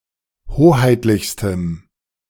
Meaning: strong dative masculine/neuter singular superlative degree of hoheitlich
- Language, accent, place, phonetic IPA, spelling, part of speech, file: German, Germany, Berlin, [ˈhoːhaɪ̯tlɪçstəm], hoheitlichstem, adjective, De-hoheitlichstem.ogg